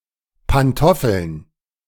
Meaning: plural of Pantoffel
- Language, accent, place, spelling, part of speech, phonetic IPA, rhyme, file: German, Germany, Berlin, Pantoffeln, noun, [panˈtɔfl̩n], -ɔfl̩n, De-Pantoffeln.ogg